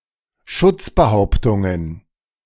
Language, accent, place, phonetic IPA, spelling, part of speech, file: German, Germany, Berlin, [ˈʃʊt͡sbəˌhaʊ̯ptʊŋən], Schutzbehauptungen, noun, De-Schutzbehauptungen.ogg
- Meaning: plural of Schutzbehauptung